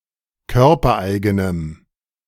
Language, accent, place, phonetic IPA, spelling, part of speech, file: German, Germany, Berlin, [ˈkœʁpɐˌʔaɪ̯ɡənəm], körpereigenem, adjective, De-körpereigenem.ogg
- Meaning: strong dative masculine/neuter singular of körpereigen